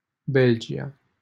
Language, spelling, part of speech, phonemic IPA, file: Romanian, Belgia, proper noun, /ˈbel.d͡ʒi.(j)a/, LL-Q7913 (ron)-Belgia.wav
- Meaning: Belgium (a country in Western Europe that has borders with the Netherlands, Germany, Luxembourg and France)